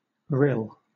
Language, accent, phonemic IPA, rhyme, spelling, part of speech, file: English, Southern England, /ɹɪl/, -ɪl, rill, noun / verb, LL-Q1860 (eng)-rill.wav
- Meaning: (noun) 1. A very small brook; a streamlet; a creek, rivulet 2. Alternative form of rille; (verb) To trickle, pour, or run like a small stream